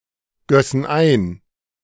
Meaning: first-person plural subjunctive II of eingießen
- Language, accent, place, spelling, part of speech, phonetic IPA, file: German, Germany, Berlin, gössen ein, verb, [ˌɡœsn̩ ˈaɪ̯n], De-gössen ein.ogg